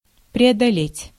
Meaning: 1. to get over, to overcome 2. to traverse 3. to negotiate
- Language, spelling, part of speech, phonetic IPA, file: Russian, преодолеть, verb, [prʲɪədɐˈlʲetʲ], Ru-преодолеть.ogg